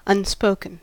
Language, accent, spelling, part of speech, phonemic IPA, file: English, US, unspoken, adjective / verb, /ʌnˈspoʊkən/, En-us-unspoken.ogg
- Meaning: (adjective) 1. Not spoken; not said 2. Not formally articulated or stated; implicit or understood; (verb) past participle of unspeak